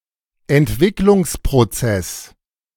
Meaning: development process
- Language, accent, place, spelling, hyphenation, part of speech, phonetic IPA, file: German, Germany, Berlin, Entwicklungsprozess, Ent‧wick‧lungs‧pro‧zess, noun, [ɛntˈvɪklʊŋspʁoˌt͡sɛs], De-Entwicklungsprozess.ogg